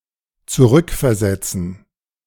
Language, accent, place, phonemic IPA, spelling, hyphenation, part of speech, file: German, Germany, Berlin, /ˈt͡suˈʁʏkfɛɐ̯ˌzɛt͡sn̩/, zurückversetzen, zu‧rück‧ver‧set‧zen, verb, De-zurückversetzen.ogg
- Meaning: 1. to transfer back, to shift back (especially into a department or assignment one already occupied previously) 2. to put back, to return, to restore (into a previous state)